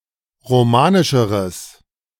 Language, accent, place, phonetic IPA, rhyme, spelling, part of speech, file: German, Germany, Berlin, [ʁoˈmaːnɪʃəʁəs], -aːnɪʃəʁəs, romanischeres, adjective, De-romanischeres.ogg
- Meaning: strong/mixed nominative/accusative neuter singular comparative degree of romanisch